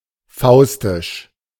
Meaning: Faustian
- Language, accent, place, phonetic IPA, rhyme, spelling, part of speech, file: German, Germany, Berlin, [ˈfaʊ̯stɪʃ], -aʊ̯stɪʃ, faustisch, adjective, De-faustisch.ogg